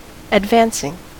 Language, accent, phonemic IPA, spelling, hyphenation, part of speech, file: English, US, /ədˈvænsɪŋ/, advancing, ad‧vanc‧ing, verb / noun, En-us-advancing.ogg
- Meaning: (verb) present participle and gerund of advance; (noun) The act of proceeding forward; an advance